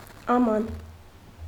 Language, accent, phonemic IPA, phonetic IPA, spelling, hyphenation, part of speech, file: Armenian, Eastern Armenian, /ɑˈmɑn/, [ɑmɑ́n], աման, ա‧ման, noun / interjection, Hy-աման.ogg
- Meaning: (noun) vessel, jar, pot, container; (interjection) alas! oh! (an exclamation of sorrow, anguish or grief)